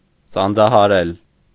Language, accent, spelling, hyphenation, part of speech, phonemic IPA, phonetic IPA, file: Armenian, Eastern Armenian, սանձահարել, սան‧ձա‧հա‧րել, verb, /sɑnd͡zɑhɑˈɾel/, [sɑnd͡zɑhɑɾél], Hy-սանձահարել.ogg
- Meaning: 1. to bridle 2. to bridle, to control, to restrain 3. to cause to yield, surrender, succumb 4. to restrict, to limit, to curb 5. synonym of կաշկանդել (kaškandel)